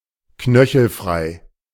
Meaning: having the ankle uncovered
- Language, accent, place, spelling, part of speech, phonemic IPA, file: German, Germany, Berlin, knöchelfrei, adjective, /ˈknœçl̩ˌfʁaɪ̯/, De-knöchelfrei.ogg